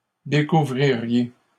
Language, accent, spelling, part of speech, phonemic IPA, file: French, Canada, découvririez, verb, /de.ku.vʁi.ʁje/, LL-Q150 (fra)-découvririez.wav
- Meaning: second-person plural conditional of découvrir